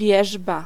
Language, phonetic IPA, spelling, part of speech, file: Polish, [ˈvʲjɛʒba], wierzba, noun, Pl-wierzba.ogg